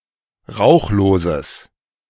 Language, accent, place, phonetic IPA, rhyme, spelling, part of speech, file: German, Germany, Berlin, [ˈʁaʊ̯xloːzəs], -aʊ̯xloːzəs, rauchloses, adjective, De-rauchloses.ogg
- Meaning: strong/mixed nominative/accusative neuter singular of rauchlos